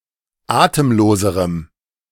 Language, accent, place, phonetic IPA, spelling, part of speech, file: German, Germany, Berlin, [ˈaːtəmˌloːzəʁəm], atemloserem, adjective, De-atemloserem.ogg
- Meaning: strong dative masculine/neuter singular comparative degree of atemlos